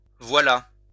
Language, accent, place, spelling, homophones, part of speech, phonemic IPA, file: French, France, Lyon, voilà, voila / voilât, verb / preposition, /vwa.la/, LL-Q150 (fra)-voilà.wav
- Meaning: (verb) 1. there (it) is, there (it) comes 2. here (it) is, here (it) comes 3. that is (introduces something one has said, whereas voici something one is about to)